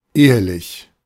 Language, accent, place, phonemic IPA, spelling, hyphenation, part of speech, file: German, Germany, Berlin, /ˈeːəlɪç/, ehelich, ehe‧lich, adjective, De-ehelich.ogg
- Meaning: 1. marital 2. born in wedlock, legitimate